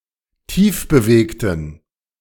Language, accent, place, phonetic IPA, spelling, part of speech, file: German, Germany, Berlin, [ˈtiːfbəˌveːktn̩], tiefbewegten, adjective, De-tiefbewegten.ogg
- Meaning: inflection of tiefbewegt: 1. strong genitive masculine/neuter singular 2. weak/mixed genitive/dative all-gender singular 3. strong/weak/mixed accusative masculine singular 4. strong dative plural